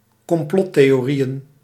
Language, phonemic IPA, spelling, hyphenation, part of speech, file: Dutch, /kɔmˈplɔt.teː.oːˌri.ən/, complottheorieën, com‧plot‧the‧o‧rie‧ën, noun, Nl-complottheorieën.ogg
- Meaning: plural of complottheorie